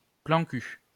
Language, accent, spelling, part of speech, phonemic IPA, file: French, France, plan cul, noun, /plɑ̃ ky/, LL-Q150 (fra)-plan cul.wav
- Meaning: 1. hookup 2. fuck buddy (sexual relationship without further emotional attachment)